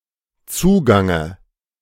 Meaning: dative of Zugang
- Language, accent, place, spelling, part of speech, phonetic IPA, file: German, Germany, Berlin, Zugange, noun, [ˈt͡suːɡaŋə], De-Zugange.ogg